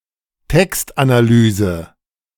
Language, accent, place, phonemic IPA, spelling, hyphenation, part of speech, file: German, Germany, Berlin, /ˈtɛkstʔanaˌlyːzə/, Textanalyse, Text‧ana‧ly‧se, noun, De-Textanalyse.ogg
- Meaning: text analysis